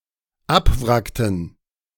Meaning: inflection of abwracken: 1. first/third-person plural dependent preterite 2. first/third-person plural dependent subjunctive II
- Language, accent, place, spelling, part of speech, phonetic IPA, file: German, Germany, Berlin, abwrackten, verb, [ˈapˌvʁaktn̩], De-abwrackten.ogg